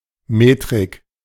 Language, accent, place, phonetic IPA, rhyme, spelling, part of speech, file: German, Germany, Berlin, [ˈmeːtʁɪk], -eːtʁɪk, Metrik, noun, De-Metrik.ogg
- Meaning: 1. metrics 2. metric